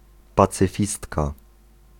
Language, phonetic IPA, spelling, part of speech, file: Polish, [ˌpat͡sɨˈfʲistka], pacyfistka, noun, Pl-pacyfistka.ogg